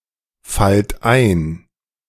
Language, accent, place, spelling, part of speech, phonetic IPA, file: German, Germany, Berlin, fallt ein, verb, [ˌfalt ˈaɪ̯n], De-fallt ein.ogg
- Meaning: inflection of einfallen: 1. second-person plural present 2. plural imperative